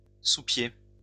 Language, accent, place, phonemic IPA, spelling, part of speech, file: French, France, Lyon, /su.pje/, sous-pied, noun, LL-Q150 (fra)-sous-pied.wav
- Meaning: strap, understrap